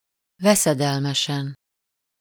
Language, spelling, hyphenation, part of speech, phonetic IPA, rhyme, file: Hungarian, veszedelmesen, ve‧sze‧del‧me‧sen, adverb / adjective, [ˈvɛsɛdɛlmɛʃɛn], -ɛn, Hu-veszedelmesen.ogg
- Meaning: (adverb) dangerously; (adjective) superessive singular of veszedelmes